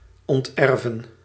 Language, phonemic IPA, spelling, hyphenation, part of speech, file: Dutch, /ˌɔntˈɛr.və(n)/, onterven, ont‧er‧ven, verb, Nl-onterven.ogg
- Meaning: to disinherit, to disown